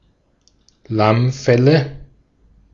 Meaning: nominative/accusative/genitive plural of Lammfell
- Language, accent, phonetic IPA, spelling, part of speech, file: German, Austria, [ˈlamˌfɛlə], Lammfelle, noun, De-at-Lammfelle.ogg